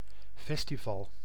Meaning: a festival (festive event or gathering)
- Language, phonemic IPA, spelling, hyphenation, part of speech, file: Dutch, /ˈfɛs.tiˌvɑl/, festival, fes‧ti‧val, noun, Nl-festival.ogg